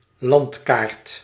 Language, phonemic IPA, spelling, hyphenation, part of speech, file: Dutch, /ˈlɑnt.kaːrt/, landkaart, land‧kaart, noun, Nl-landkaart.ogg
- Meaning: geographical map (visual representation of an area), usually showing or including land areas